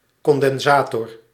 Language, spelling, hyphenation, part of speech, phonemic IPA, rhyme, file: Dutch, condensator, con‧den‧sa‧tor, noun, /kɔn.dɛnˈzaː.tɔr/, -aːtɔr, Nl-condensator.ogg
- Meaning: capacitor